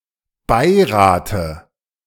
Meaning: dative singular of Beirat
- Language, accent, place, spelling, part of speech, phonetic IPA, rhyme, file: German, Germany, Berlin, Beirate, noun, [ˈbaɪ̯ˌʁaːtə], -aɪ̯ʁaːtə, De-Beirate.ogg